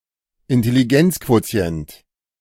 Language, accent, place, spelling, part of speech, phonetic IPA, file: German, Germany, Berlin, Intelligenzquotient, noun, [ɪntɛliˈɡɛnt͡skvoˌt͡si̯ɛnt], De-Intelligenzquotient.ogg
- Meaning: intelligence quotient